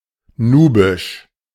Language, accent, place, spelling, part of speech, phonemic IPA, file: German, Germany, Berlin, nubisch, adjective, /ˈnuːbɪʃ/, De-nubisch.ogg
- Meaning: Nubian